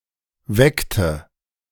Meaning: inflection of wecken: 1. first/third-person singular preterite 2. first/third-person singular subjunctive II
- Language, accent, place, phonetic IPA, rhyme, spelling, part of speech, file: German, Germany, Berlin, [ˈvɛktə], -ɛktə, weckte, verb, De-weckte.ogg